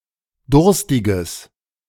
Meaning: strong/mixed nominative/accusative neuter singular of durstig
- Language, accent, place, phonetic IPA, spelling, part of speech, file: German, Germany, Berlin, [ˈdʊʁstɪɡəs], durstiges, adjective, De-durstiges.ogg